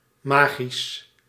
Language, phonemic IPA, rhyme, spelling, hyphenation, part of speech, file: Dutch, /ˈmaːɣis/, -aːɣis, magisch, ma‧gisch, adjective, Nl-magisch.ogg
- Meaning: 1. magical, controlled or determined by supernatural magic (not illusionism) 2. enchanting, spell-bound etc 3. psychedelic